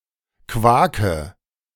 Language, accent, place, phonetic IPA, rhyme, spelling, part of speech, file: German, Germany, Berlin, [ˈkvaːkə], -aːkə, quake, verb, De-quake.ogg
- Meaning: inflection of quaken: 1. first-person singular present 2. singular imperative 3. first/third-person singular subjunctive I